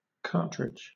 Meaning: The package consisting of the bullet, primer, and casing containing gunpowder; a round of ammunition
- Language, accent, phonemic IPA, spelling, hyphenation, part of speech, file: English, Southern England, /ˈkɑːtɹɪd͡ʒ/, cartridge, car‧tridge, noun, LL-Q1860 (eng)-cartridge.wav